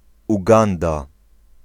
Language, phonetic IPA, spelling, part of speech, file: Polish, [uˈɡãnda], Uganda, proper noun, Pl-Uganda.ogg